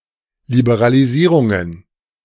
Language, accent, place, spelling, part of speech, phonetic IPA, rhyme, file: German, Germany, Berlin, Liberalisierungen, noun, [libeʁaliˈziːʁʊŋən], -iːʁʊŋən, De-Liberalisierungen.ogg
- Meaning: plural of Liberalisierung